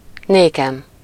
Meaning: alternative form of nekem: first-person singular of néki
- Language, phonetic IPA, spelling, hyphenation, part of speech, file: Hungarian, [ˈneːkɛm], nékem, né‧kem, pronoun, Hu-nékem.ogg